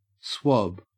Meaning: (noun) A small piece of soft, absorbent material, such as gauze, used to clean wounds, apply medicine, or take samples of body fluids. Often attached to a stick or wire to aid access
- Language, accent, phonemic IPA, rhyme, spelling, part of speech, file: English, Australia, /swɒb/, -ɒb, swab, noun / verb, En-au-swab.ogg